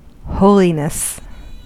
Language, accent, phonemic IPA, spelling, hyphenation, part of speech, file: English, US, /ˈhoʊlinəs/, holiness, ho‧li‧ness, noun, En-us-holiness.ogg
- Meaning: The state or condition of being holy